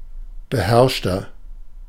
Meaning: 1. comparative degree of beherrscht 2. inflection of beherrscht: strong/mixed nominative masculine singular 3. inflection of beherrscht: strong genitive/dative feminine singular
- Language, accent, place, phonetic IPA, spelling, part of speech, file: German, Germany, Berlin, [bəˈhɛʁʃtɐ], beherrschter, adjective, De-beherrschter.ogg